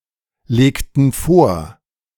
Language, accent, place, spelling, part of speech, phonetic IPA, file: German, Germany, Berlin, legten vor, verb, [ˌleːktn̩ ˈfoːɐ̯], De-legten vor.ogg
- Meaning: inflection of vorlegen: 1. first/third-person plural preterite 2. first/third-person plural subjunctive II